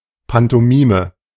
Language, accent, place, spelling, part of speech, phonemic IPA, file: German, Germany, Berlin, Pantomime, noun, /pantoˈmiːmə/, De-Pantomime.ogg
- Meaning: pantomime (type of entertainment where players act out ideas without use of their voice)